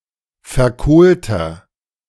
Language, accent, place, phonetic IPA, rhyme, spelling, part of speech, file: German, Germany, Berlin, [fɛɐ̯ˈkoːltɐ], -oːltɐ, verkohlter, adjective, De-verkohlter.ogg
- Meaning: inflection of verkohlt: 1. strong/mixed nominative masculine singular 2. strong genitive/dative feminine singular 3. strong genitive plural